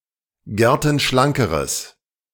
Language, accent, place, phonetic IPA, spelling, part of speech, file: German, Germany, Berlin, [ˈɡɛʁtn̩ˌʃlaŋkəʁəs], gertenschlankeres, adjective, De-gertenschlankeres.ogg
- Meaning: strong/mixed nominative/accusative neuter singular comparative degree of gertenschlank